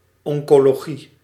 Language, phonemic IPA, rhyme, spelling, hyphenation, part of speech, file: Dutch, /ˌɔŋ.koː.loːˈɣi/, -i, oncologie, on‧co‧lo‧gie, noun, Nl-oncologie.ogg
- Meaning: oncology (study of cancer; therapy against cancer)